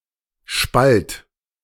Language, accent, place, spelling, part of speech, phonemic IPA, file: German, Germany, Berlin, spalt, verb, /ʃpalt/, De-spalt.ogg
- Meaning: singular imperative of spalten